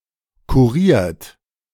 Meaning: 1. past participle of kurieren 2. inflection of kurieren: second-person plural present 3. inflection of kurieren: third-person singular present 4. inflection of kurieren: plural imperative
- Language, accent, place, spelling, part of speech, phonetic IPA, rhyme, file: German, Germany, Berlin, kuriert, verb, [kuˈʁiːɐ̯t], -iːɐ̯t, De-kuriert.ogg